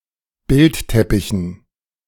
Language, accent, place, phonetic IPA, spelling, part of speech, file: German, Germany, Berlin, [ˈbɪltˌtɛpɪçn̩], Bildteppichen, noun, De-Bildteppichen.ogg
- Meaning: dative plural of Bildteppich